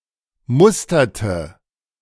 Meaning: inflection of mustern: 1. first/third-person singular preterite 2. first/third-person singular subjunctive II
- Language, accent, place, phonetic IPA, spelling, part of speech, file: German, Germany, Berlin, [ˈmʊstɐtə], musterte, verb, De-musterte.ogg